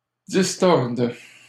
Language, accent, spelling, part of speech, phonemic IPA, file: French, Canada, distordent, verb, /dis.tɔʁd/, LL-Q150 (fra)-distordent.wav
- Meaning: third-person plural present indicative/subjunctive of distordre